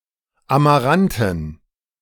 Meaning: amaranthine (dark reddish purple)
- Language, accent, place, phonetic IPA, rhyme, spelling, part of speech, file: German, Germany, Berlin, [amaˈʁantn̩], -antn̩, amaranten, adjective, De-amaranten.ogg